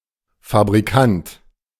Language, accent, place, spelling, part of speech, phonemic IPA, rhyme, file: German, Germany, Berlin, Fabrikant, noun, /fabʁiˈkant/, -ant, De-Fabrikant.ogg
- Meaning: manufacturer, industrialist